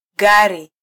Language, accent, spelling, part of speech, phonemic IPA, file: Swahili, Kenya, gari, noun, /ˈɠɑ.ɾi/, Sw-ke-gari.flac
- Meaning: 1. car (automobile) 2. vehicle (any vehicle, including wagons and trains)